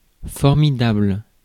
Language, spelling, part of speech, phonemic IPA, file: French, formidable, adjective, /fɔʁ.mi.dabl/, Fr-formidable.ogg
- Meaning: 1. fearsome 2. fantastic, tremendous